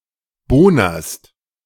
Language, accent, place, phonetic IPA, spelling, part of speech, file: German, Germany, Berlin, [ˈboːnɐst], bohnerst, verb, De-bohnerst.ogg
- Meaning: second-person singular present of bohnern